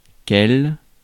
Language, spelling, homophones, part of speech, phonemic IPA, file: French, quel, quelle / quelles / quels, determiner / pronoun, /kɛl/, Fr-quel.ogg
- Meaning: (determiner) 1. which 2. what, what a (used to form exclamations); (pronoun) what